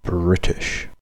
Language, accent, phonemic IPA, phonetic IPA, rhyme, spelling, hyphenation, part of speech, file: English, Received Pronunciation, /ˈbɹɪtɪʃ/, [ˈbɹɪtɪʃ], -ɪtɪʃ, British, Brit‧ish, noun / proper noun / adjective, En-uk-British.ogg
- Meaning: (noun) 1. The residents or inhabitants of Great Britain 2. The citizens or inhabitants of the United Kingdom